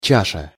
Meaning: 1. bowl 2. cup, chalice
- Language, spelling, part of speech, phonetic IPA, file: Russian, чаша, noun, [ˈt͡ɕaʂə], Ru-чаша.ogg